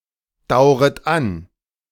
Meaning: second-person plural subjunctive I of andauern
- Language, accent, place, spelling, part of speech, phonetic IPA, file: German, Germany, Berlin, dauret an, verb, [ˌdaʊ̯ʁət ˈan], De-dauret an.ogg